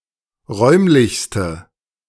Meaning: inflection of räumlich: 1. strong/mixed nominative/accusative feminine singular superlative degree 2. strong nominative/accusative plural superlative degree
- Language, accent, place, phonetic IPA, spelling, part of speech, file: German, Germany, Berlin, [ˈʁɔɪ̯mlɪçstə], räumlichste, adjective, De-räumlichste.ogg